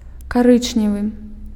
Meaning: cinnamon, brown (color)
- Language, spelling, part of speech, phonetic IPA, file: Belarusian, карычневы, adjective, [kaˈrɨt͡ʂnʲevɨ], Be-карычневы.ogg